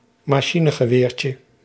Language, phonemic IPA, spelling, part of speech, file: Dutch, /mɑˈʃinəɣəˌwercə/, machinegeweertje, noun, Nl-machinegeweertje.ogg
- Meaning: diminutive of machinegeweer